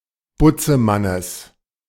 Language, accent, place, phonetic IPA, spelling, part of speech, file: German, Germany, Berlin, [ˈbʊt͡səˌmanəs], Butzemannes, noun, De-Butzemannes.ogg
- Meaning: genitive singular of Butzemann